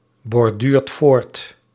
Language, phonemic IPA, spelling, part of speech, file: Dutch, /bɔrˈdyrt ˈvort/, borduurt voort, verb, Nl-borduurt voort.ogg
- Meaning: inflection of voortborduren: 1. second/third-person singular present indicative 2. plural imperative